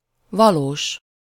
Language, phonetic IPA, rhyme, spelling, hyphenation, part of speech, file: Hungarian, [ˈvɒloːʃ], -oːʃ, valós, va‧lós, adjective, Hu-valós.ogg
- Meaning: real